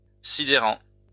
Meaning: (adjective) baffling, flummoxing; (verb) present participle of sidérer
- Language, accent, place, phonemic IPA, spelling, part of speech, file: French, France, Lyon, /si.de.ʁɑ̃/, sidérant, adjective / verb, LL-Q150 (fra)-sidérant.wav